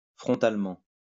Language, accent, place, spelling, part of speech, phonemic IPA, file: French, France, Lyon, frontalement, adverb, /fʁɔ̃.tal.mɑ̃/, LL-Q150 (fra)-frontalement.wav
- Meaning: frontally